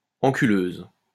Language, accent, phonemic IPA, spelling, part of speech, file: French, France, /ɑ̃.ky.løz/, enculeuse, noun, LL-Q150 (fra)-enculeuse.wav
- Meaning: female equivalent of enculeur